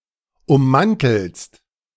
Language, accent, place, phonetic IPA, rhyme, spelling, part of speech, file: German, Germany, Berlin, [ʊmˈmantl̩st], -antl̩st, ummantelst, verb, De-ummantelst.ogg
- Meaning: second-person singular present of ummanteln